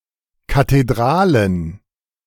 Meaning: plural of Kathedrale
- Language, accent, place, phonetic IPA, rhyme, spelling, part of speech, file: German, Germany, Berlin, [kateˈdʁaːlən], -aːlən, Kathedralen, noun, De-Kathedralen.ogg